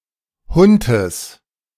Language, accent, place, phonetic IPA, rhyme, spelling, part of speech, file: German, Germany, Berlin, [ˈhʊntəs], -ʊntəs, Huntes, noun, De-Huntes.ogg
- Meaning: genitive singular of Hunt